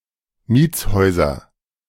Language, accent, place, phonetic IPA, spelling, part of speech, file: German, Germany, Berlin, [ˈmiːt͡sˌhɔɪ̯zɐ], Mietshäuser, noun, De-Mietshäuser.ogg
- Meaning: nominative/accusative/genitive plural of Mietshaus